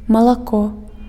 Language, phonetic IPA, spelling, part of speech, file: Belarusian, [maɫaˈko], малако, noun, Be-малако.ogg
- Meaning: milk